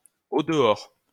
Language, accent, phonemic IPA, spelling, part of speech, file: French, France, /o.də.ɔʁ/, au-dehors, adverb, LL-Q150 (fra)-au-dehors.wav
- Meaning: outside